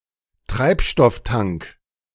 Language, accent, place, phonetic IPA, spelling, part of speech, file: German, Germany, Berlin, [ˈtʁaɪ̯pʃtɔfˌtaŋk], Treibstofftank, noun, De-Treibstofftank.ogg
- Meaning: fuel tank